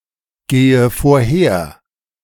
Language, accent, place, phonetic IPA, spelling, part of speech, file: German, Germany, Berlin, [ˌɡeːə foːɐ̯ˈheːɐ̯], gehe vorher, verb, De-gehe vorher.ogg
- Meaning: inflection of vorhergehen: 1. first-person singular present 2. first/third-person singular subjunctive I 3. singular imperative